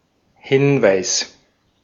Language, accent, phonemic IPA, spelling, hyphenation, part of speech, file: German, Austria, /ˈhɪnvaɪ̯s/, Hinweis, Hin‧weis, noun, De-at-Hinweis.ogg
- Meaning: 1. hint; clue; pointer; an act or thing which makes someone aware of something 2. evidence, cue 3. advice, instruction